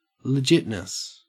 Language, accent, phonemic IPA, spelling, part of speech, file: English, Australia, /ləˈd͡ʒɪtnəs/, legitness, noun, En-au-legitness.ogg
- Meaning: The property of being legit: 1. Legitimacy 2. Coolness